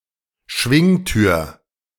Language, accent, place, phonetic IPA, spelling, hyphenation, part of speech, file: German, Germany, Berlin, [ˈʃvɪŋˌtyːɐ̯], Schwingtür, Schwing‧tür, noun, De-Schwingtür.ogg
- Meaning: swing door